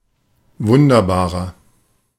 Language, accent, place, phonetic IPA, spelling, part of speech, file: German, Germany, Berlin, [ˈvʊndɐbaːʁɐ], wunderbarer, adjective, De-wunderbarer.ogg
- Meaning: 1. comparative degree of wunderbar 2. inflection of wunderbar: strong/mixed nominative masculine singular 3. inflection of wunderbar: strong genitive/dative feminine singular